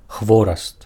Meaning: brushwood
- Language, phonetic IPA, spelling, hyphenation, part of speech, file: Belarusian, [ˈxvorast], хвораст, хво‧раст, noun, Be-хвораст.ogg